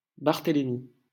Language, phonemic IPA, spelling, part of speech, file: French, /baʁ.te.le.mi/, Barthélemy, proper noun, LL-Q150 (fra)-Barthélemy.wav
- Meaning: 1. Bartholomew (Biblical figure) 2. a male given name